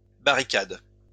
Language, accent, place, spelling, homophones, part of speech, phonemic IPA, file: French, France, Lyon, barricades, barricade / barricadent, verb, /ba.ʁi.kad/, LL-Q150 (fra)-barricades.wav
- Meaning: second-person singular present indicative/subjunctive of barricader